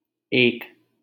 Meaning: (numeral) one; 1; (adjective) 1. sole, only 2. united
- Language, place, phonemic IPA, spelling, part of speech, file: Hindi, Delhi, /eːk/, एक, numeral / adjective / article, LL-Q1568 (hin)-एक.wav